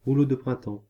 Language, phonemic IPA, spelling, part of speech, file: French, /ʁu.lo d‿pʁɛ̃.tɑ̃/, rouleau de printemps, noun, Fr-rouleau de printemps.ogg
- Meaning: 1. summer roll, Vietnamese spring roll 2. Chinese spring roll